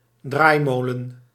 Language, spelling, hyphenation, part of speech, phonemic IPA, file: Dutch, draaimolen, draai‧mo‧len, noun, /ˈdraːi̯ˌmoː.lə(n)/, Nl-draaimolen.ogg
- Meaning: carrousel, merry-go-round